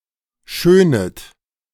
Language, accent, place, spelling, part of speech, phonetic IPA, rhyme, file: German, Germany, Berlin, schönet, verb, [ˈʃøːnət], -øːnət, De-schönet.ogg
- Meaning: second-person plural subjunctive I of schönen